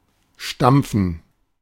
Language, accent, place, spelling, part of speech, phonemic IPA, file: German, Germany, Berlin, stampfen, verb, /ʃtam(p)fən/, De-stampfen.ogg
- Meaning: to stamp, to stomp, to clomp